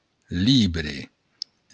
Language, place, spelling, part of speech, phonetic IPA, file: Occitan, Béarn, libre, noun, [ˈliβɾe], LL-Q14185 (oci)-libre.wav
- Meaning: book